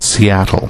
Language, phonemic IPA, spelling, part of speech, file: English, /siˈætəl̩/, Seattle, proper noun, En-us-Seattle.ogg
- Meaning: A seaport and the largest city in Washington, United States, and the county seat of King County